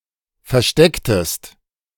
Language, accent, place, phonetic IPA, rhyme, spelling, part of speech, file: German, Germany, Berlin, [fɛɐ̯ˈʃtɛktəst], -ɛktəst, verstecktest, verb, De-verstecktest.ogg
- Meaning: inflection of verstecken: 1. second-person singular preterite 2. second-person singular subjunctive II